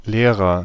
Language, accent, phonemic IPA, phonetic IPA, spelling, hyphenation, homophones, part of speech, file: German, Germany, /ˈleːrər/, [ˈleːʁɐ], Lehrer, Leh‧rer, leerer, noun, De-Lehrer.ogg
- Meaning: agent noun of lehren: one who teaches, teacher, instructor, especially a school teacher